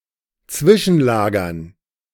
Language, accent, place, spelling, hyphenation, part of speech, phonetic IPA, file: German, Germany, Berlin, zwischenlagern, zwi‧schen‧la‧gern, verb, [ˈt͡svɪʃn̩ˌlaːɡɐn], De-zwischenlagern.ogg
- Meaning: to temporarily store